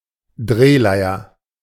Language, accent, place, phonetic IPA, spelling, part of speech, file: German, Germany, Berlin, [ˈdʁeːˌlaɪ̯ɐ], Drehleier, noun, De-Drehleier.ogg
- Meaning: hurdy-gurdy